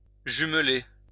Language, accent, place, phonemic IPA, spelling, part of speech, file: French, France, Lyon, /ʒym.le/, jumeler, verb, LL-Q150 (fra)-jumeler.wav
- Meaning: to twin